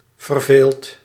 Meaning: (adjective) bored; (verb) past participle of vervelen
- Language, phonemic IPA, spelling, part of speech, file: Dutch, /vərˈvelt/, verveeld, adjective / verb, Nl-verveeld.ogg